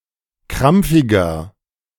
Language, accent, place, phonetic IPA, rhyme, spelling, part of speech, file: German, Germany, Berlin, [ˈkʁamp͡fɪɡɐ], -amp͡fɪɡɐ, krampfiger, adjective, De-krampfiger.ogg
- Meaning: 1. comparative degree of krampfig 2. inflection of krampfig: strong/mixed nominative masculine singular 3. inflection of krampfig: strong genitive/dative feminine singular